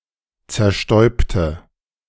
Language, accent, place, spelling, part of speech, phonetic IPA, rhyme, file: German, Germany, Berlin, zerstäubte, adjective / verb, [t͡sɛɐ̯ˈʃtɔɪ̯ptə], -ɔɪ̯ptə, De-zerstäubte.ogg
- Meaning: inflection of zerstäuben: 1. first/third-person singular preterite 2. first/third-person singular subjunctive II